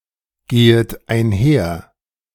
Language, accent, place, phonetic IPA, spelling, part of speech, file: German, Germany, Berlin, [ˌɡeːət aɪ̯nˈhɛɐ̯], gehet einher, verb, De-gehet einher.ogg
- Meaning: second-person plural subjunctive I of einhergehen